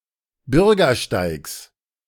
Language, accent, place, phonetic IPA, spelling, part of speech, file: German, Germany, Berlin, [ˈbʏʁɡɐˌʃtaɪ̯ks], Bürgersteigs, noun, De-Bürgersteigs.ogg
- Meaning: genitive singular of Bürgersteig